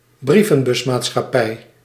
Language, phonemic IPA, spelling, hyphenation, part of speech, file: Dutch, /ˈbri.və(n).bʏs.maːt.sxɑ.ˌpɛi̯/, brievenbusmaatschappij, brie‧ven‧bus‧maat‧schap‧pij, noun, Nl-brievenbusmaatschappij.ogg
- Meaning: shell company